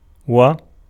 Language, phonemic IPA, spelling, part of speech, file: Arabic, /wa/, و, conjunction / preposition, Ar-و.ogg
- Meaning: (conjunction) and, a divider of words or clauses, particle of connection or continuation often unnecessary to render in translation, or able to be rendered as a comma or semi-colon